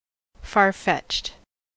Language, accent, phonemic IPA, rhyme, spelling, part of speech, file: English, US, /fɑɹˈfɛt͡ʃt/, -ɛtʃt, far-fetched, adjective, En-us-far-fetched.ogg
- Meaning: 1. Brought from far away 2. Implausible; not likely; difficult to believe